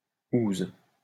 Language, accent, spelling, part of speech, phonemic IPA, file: French, France, -ouse, suffix, /uz/, LL-Q150 (fra)--ouse.wav
- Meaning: alternative spelling of -ouze